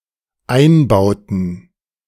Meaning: inflection of einbauen: 1. first/third-person plural dependent preterite 2. first/third-person plural dependent subjunctive II
- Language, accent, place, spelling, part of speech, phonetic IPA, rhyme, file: German, Germany, Berlin, einbauten, verb, [ˈaɪ̯nˌbaʊ̯tn̩], -aɪ̯nbaʊ̯tn̩, De-einbauten.ogg